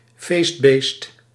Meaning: 1. party animal 2. an animal eaten at a party
- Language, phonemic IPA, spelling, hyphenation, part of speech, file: Dutch, /ˈfeːstˌbeːst/, feestbeest, feest‧beest, noun, Nl-feestbeest.ogg